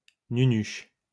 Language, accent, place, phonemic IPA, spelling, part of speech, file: French, France, Lyon, /ny.nyʃ/, nunuche, adjective, LL-Q150 (fra)-nunuche.wav
- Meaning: silly